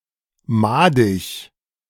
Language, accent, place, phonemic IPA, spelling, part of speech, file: German, Germany, Berlin, /ˈmaːdɪç/, madig, adjective, De-madig.ogg
- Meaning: maggoty, infested with maggots